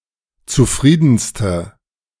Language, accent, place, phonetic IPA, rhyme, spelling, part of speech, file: German, Germany, Berlin, [t͡suˈfʁiːdn̩stə], -iːdn̩stə, zufriedenste, adjective, De-zufriedenste.ogg
- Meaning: inflection of zufrieden: 1. strong/mixed nominative/accusative feminine singular superlative degree 2. strong nominative/accusative plural superlative degree